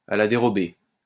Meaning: on the sly, without being noticed
- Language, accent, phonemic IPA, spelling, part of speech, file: French, France, /a la de.ʁɔ.be/, à la dérobée, adverb, LL-Q150 (fra)-à la dérobée.wav